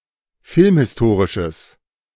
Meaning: strong/mixed nominative/accusative neuter singular of filmhistorisch
- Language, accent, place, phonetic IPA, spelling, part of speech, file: German, Germany, Berlin, [ˈfɪlmhɪsˌtoːʁɪʃəs], filmhistorisches, adjective, De-filmhistorisches.ogg